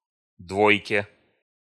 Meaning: dative/prepositional singular of дво́йка (dvójka)
- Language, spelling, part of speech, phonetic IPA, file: Russian, двойке, noun, [ˈdvojkʲe], Ru-двойке.ogg